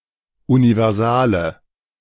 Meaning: inflection of universal: 1. strong/mixed nominative/accusative feminine singular 2. strong nominative/accusative plural 3. weak nominative all-gender singular
- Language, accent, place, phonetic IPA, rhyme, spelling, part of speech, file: German, Germany, Berlin, [univɛʁˈzaːlə], -aːlə, universale, adjective, De-universale.ogg